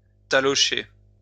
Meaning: to clout, thump
- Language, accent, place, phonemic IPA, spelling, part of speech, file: French, France, Lyon, /ta.lɔ.ʃe/, talocher, verb, LL-Q150 (fra)-talocher.wav